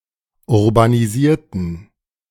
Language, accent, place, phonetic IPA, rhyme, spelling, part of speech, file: German, Germany, Berlin, [ʊʁbaniˈziːɐ̯tn̩], -iːɐ̯tn̩, urbanisierten, adjective / verb, De-urbanisierten.ogg
- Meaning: inflection of urbanisieren: 1. first/third-person plural preterite 2. first/third-person plural subjunctive II